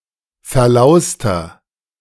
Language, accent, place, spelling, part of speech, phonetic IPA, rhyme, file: German, Germany, Berlin, verlauster, adjective, [fɛɐ̯ˈlaʊ̯stɐ], -aʊ̯stɐ, De-verlauster.ogg
- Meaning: 1. comparative degree of verlaust 2. inflection of verlaust: strong/mixed nominative masculine singular 3. inflection of verlaust: strong genitive/dative feminine singular